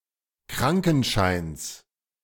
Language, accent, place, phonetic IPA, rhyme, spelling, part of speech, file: German, Germany, Berlin, [ˈkʁaŋkn̩ˌʃaɪ̯ns], -aŋkn̩ʃaɪ̯ns, Krankenscheins, noun, De-Krankenscheins.ogg
- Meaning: genitive singular of Krankenschein